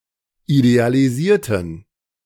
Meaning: inflection of idealisieren: 1. first/third-person plural preterite 2. first/third-person plural subjunctive II
- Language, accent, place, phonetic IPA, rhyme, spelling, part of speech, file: German, Germany, Berlin, [idealiˈziːɐ̯tn̩], -iːɐ̯tn̩, idealisierten, adjective / verb, De-idealisierten.ogg